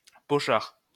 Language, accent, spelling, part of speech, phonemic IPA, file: French, France, pochard, noun, /pɔ.ʃaʁ/, LL-Q150 (fra)-pochard.wav
- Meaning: drunk, drunkard